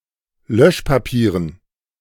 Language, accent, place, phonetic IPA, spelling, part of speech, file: German, Germany, Berlin, [ˈlœʃpaˌpiːʁən], Löschpapieren, noun, De-Löschpapieren.ogg
- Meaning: dative plural of Löschpapier